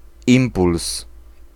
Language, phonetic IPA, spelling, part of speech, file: Polish, [ˈĩmpuls], impuls, noun, Pl-impuls.ogg